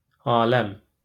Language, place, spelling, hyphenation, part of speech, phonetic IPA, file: Azerbaijani, Baku, aləm, a‧ləm, noun, [ɑːˈlæm], LL-Q9292 (aze)-aləm.wav
- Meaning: 1. world 2. kingdom